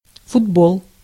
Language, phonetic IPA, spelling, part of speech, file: Russian, [fʊdˈboɫ], футбол, noun, Ru-футбол.ogg
- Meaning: 1. football (the game, UK English), soccer (US English) 2. A football / soccer match